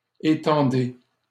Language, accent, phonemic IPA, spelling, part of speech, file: French, Canada, /e.tɑ̃.de/, étendez, verb, LL-Q150 (fra)-étendez.wav
- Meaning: inflection of étendre: 1. second-person plural present indicative 2. second-person plural imperative